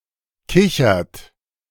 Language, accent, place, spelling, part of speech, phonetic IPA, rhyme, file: German, Germany, Berlin, kichert, verb, [ˈkɪçɐt], -ɪçɐt, De-kichert.ogg
- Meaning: inflection of kichern: 1. third-person singular present 2. second-person plural present 3. plural imperative